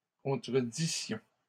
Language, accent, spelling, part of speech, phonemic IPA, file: French, Canada, contredissions, verb, /kɔ̃.tʁə.di.sjɔ̃/, LL-Q150 (fra)-contredissions.wav
- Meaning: first-person plural imperfect subjunctive of contredire